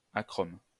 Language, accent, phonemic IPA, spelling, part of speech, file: French, France, /a.kʁom/, achrome, adjective, LL-Q150 (fra)-achrome.wav
- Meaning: achromatic: colourless